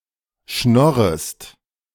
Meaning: second-person singular subjunctive I of schnorren
- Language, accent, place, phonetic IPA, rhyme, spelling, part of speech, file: German, Germany, Berlin, [ˈʃnɔʁəst], -ɔʁəst, schnorrest, verb, De-schnorrest.ogg